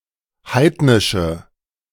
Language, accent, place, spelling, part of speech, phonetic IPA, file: German, Germany, Berlin, heidnische, adjective, [ˈhaɪ̯tnɪʃə], De-heidnische.ogg
- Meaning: inflection of heidnisch: 1. strong/mixed nominative/accusative feminine singular 2. strong nominative/accusative plural 3. weak nominative all-gender singular